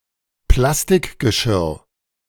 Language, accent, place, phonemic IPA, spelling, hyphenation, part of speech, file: German, Germany, Berlin, /ˈplastɪkɡəˌʃɪʁ/, Plastikgeschirr, Plas‧tik‧ge‧schirr, noun, De-Plastikgeschirr.ogg
- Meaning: plastic tableware